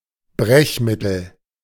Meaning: emetic
- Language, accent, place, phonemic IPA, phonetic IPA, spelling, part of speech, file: German, Germany, Berlin, /ˈbʁɛçˌmɪtəl/, [ˈbʁɛçˌmɪtl̩], Brechmittel, noun, De-Brechmittel.ogg